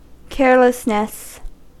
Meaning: Lack of care; the state or quality of being careless
- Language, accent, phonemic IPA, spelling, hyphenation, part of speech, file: English, US, /ˈkɛɹləsnəs/, carelessness, care‧less‧ness, noun, En-us-carelessness.ogg